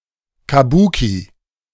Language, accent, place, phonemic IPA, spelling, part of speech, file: German, Germany, Berlin, /kaˈbuːki/, Kabuki, noun, De-Kabuki.ogg
- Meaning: kabuki